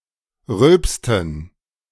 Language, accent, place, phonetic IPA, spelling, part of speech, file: German, Germany, Berlin, [ˈʁʏlpstn̩], rülpsten, verb, De-rülpsten.ogg
- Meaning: inflection of rülpsen: 1. first/third-person plural preterite 2. first/third-person plural subjunctive II